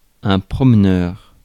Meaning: walker
- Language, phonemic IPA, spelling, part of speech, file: French, /pʁɔm.nœʁ/, promeneur, noun, Fr-promeneur.ogg